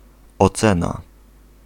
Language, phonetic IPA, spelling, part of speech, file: Polish, [ɔˈt͡sɛ̃na], ocena, noun, Pl-ocena.ogg